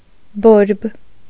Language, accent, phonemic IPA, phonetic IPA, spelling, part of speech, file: Armenian, Eastern Armenian, /boɾb/, [boɾb], բորբ, adjective / noun, Hy-բորբ.ogg
- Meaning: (adjective) 1. bright, aflame, burning 2. angry, inflamed; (noun) inflammation